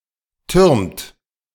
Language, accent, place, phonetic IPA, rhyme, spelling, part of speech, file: German, Germany, Berlin, [tʏʁmt], -ʏʁmt, türmt, verb, De-türmt.ogg
- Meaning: inflection of türmen: 1. third-person singular present 2. second-person plural present 3. plural imperative